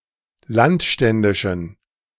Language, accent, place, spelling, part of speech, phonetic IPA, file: German, Germany, Berlin, landständischen, adjective, [ˈlantˌʃtɛndɪʃn̩], De-landständischen.ogg
- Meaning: inflection of landständisch: 1. strong genitive masculine/neuter singular 2. weak/mixed genitive/dative all-gender singular 3. strong/weak/mixed accusative masculine singular 4. strong dative plural